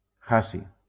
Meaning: hassium
- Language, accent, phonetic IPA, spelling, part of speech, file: Catalan, Valencia, [ˈa.si], hassi, noun, LL-Q7026 (cat)-hassi.wav